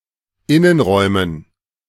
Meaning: dative plural of Innenraum
- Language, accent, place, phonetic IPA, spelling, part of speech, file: German, Germany, Berlin, [ˈɪnənˌʁɔɪ̯mən], Innenräumen, noun, De-Innenräumen.ogg